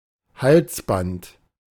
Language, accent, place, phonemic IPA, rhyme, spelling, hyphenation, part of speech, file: German, Germany, Berlin, /ˈhalsˌbant/, -ant, Halsband, Hals‧band, noun, De-Halsband.ogg
- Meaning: 1. a band of fabric, leather, or solid material worn around the neck: a collar, necklet, necklace 2. a necklace in the form of a chain